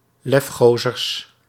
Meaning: plural of lefgozer
- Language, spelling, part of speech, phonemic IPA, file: Dutch, lefgozers, noun, /ˈlɛfxozərs/, Nl-lefgozers.ogg